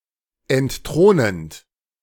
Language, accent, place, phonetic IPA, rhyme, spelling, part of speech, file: German, Germany, Berlin, [ɛntˈtʁoːnənt], -oːnənt, entthronend, verb, De-entthronend.ogg
- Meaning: present participle of entthronen